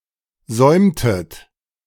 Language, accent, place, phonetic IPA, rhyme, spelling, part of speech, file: German, Germany, Berlin, [ˈzɔɪ̯mtət], -ɔɪ̯mtət, säumtet, verb, De-säumtet.ogg
- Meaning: inflection of säumen: 1. second-person plural preterite 2. second-person plural subjunctive II